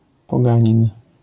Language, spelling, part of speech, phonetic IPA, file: Polish, poganin, noun, [pɔˈɡãɲĩn], LL-Q809 (pol)-poganin.wav